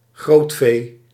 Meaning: cattle and horses (sometimes also including pigs); defined as larger-sized livestock
- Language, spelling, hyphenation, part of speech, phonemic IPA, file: Dutch, grootvee, groot‧vee, noun, /ˈɣroːt.feː/, Nl-grootvee.ogg